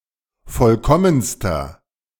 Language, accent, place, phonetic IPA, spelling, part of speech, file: German, Germany, Berlin, [ˈfɔlkɔmənstɐ], vollkommenster, adjective, De-vollkommenster.ogg
- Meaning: inflection of vollkommen: 1. strong/mixed nominative masculine singular superlative degree 2. strong genitive/dative feminine singular superlative degree 3. strong genitive plural superlative degree